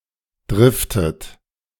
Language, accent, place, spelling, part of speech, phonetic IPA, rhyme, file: German, Germany, Berlin, driftet, verb, [ˈdʁɪftət], -ɪftət, De-driftet.ogg
- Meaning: inflection of driften: 1. second-person plural present 2. second-person plural subjunctive I 3. third-person singular present 4. plural imperative